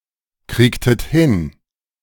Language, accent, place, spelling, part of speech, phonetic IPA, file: German, Germany, Berlin, kriegtet hin, verb, [ˌkʁiːktət ˈhɪn], De-kriegtet hin.ogg
- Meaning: inflection of hinkriegen: 1. second-person plural preterite 2. second-person plural subjunctive II